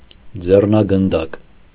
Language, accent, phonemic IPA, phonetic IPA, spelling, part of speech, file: Armenian, Eastern Armenian, /d͡zernɑɡənˈdɑk/, [d͡zernɑɡəndɑ́k], ձեռնագնդակ, noun, Hy-ձեռնագնդակ.ogg
- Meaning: handball